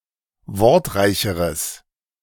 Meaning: strong/mixed nominative/accusative neuter singular comparative degree of wortreich
- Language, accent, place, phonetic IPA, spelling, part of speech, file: German, Germany, Berlin, [ˈvɔʁtˌʁaɪ̯çəʁəs], wortreicheres, adjective, De-wortreicheres.ogg